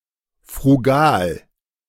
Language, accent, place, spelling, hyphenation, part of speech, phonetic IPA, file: German, Germany, Berlin, frugal, fru‧gal, adjective, [fʁuˈɡaːl], De-frugal.ogg
- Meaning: frugal